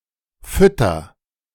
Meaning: inflection of füttern: 1. first-person singular present 2. singular imperative
- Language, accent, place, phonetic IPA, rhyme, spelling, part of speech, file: German, Germany, Berlin, [ˈfʏtɐ], -ʏtɐ, fütter, verb, De-fütter.ogg